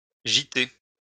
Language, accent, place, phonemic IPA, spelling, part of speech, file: French, France, Lyon, /ʒi.te/, giter, verb, LL-Q150 (fra)-giter.wav
- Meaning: post-1990 spelling of gîter